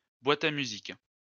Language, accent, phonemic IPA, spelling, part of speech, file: French, France, /bwa.t‿a my.zik/, boîte à musique, noun, LL-Q150 (fra)-boîte à musique.wav
- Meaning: music box